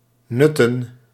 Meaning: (verb) 1. to use, to enjoy use of 2. to consume, to eat; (noun) plural of nut
- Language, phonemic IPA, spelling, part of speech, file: Dutch, /ˈnʏtə(n)/, nutten, verb / noun, Nl-nutten.ogg